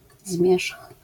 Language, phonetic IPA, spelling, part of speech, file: Polish, [zmʲjɛʃx], zmierzch, noun, LL-Q809 (pol)-zmierzch.wav